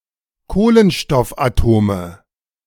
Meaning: nominative/accusative/genitive plural of Kohlenstoffatom
- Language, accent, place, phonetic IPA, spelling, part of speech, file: German, Germany, Berlin, [ˈkoːlənʃtɔfʔaˌtoːmə], Kohlenstoffatome, noun, De-Kohlenstoffatome.ogg